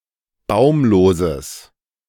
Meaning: strong/mixed nominative/accusative neuter singular of baumlos
- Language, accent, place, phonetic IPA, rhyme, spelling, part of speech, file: German, Germany, Berlin, [ˈbaʊ̯mloːzəs], -aʊ̯mloːzəs, baumloses, adjective, De-baumloses.ogg